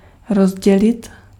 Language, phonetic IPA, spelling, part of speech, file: Czech, [ˈrozɟɛlɪt], rozdělit, verb, Cs-rozdělit.ogg
- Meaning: to divide, to split